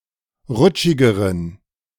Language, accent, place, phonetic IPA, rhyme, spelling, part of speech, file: German, Germany, Berlin, [ˈʁʊt͡ʃɪɡəʁən], -ʊt͡ʃɪɡəʁən, rutschigeren, adjective, De-rutschigeren.ogg
- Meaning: inflection of rutschig: 1. strong genitive masculine/neuter singular comparative degree 2. weak/mixed genitive/dative all-gender singular comparative degree